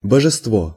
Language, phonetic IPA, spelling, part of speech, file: Russian, [bəʐɨstˈvo], божество, noun, Ru-божество.ogg
- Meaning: 1. deity 2. divinity, divine being, godhead 3. idol